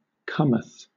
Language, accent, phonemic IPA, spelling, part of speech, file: English, Southern England, /ˈkʌm.əθ/, cometh, verb, LL-Q1860 (eng)-cometh.wav
- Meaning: third-person singular simple present indicative of come